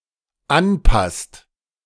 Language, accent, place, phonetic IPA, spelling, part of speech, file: German, Germany, Berlin, [ˈanˌpast], anpasst, verb, De-anpasst.ogg
- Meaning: inflection of anpassen: 1. second/third-person singular dependent present 2. second-person plural dependent present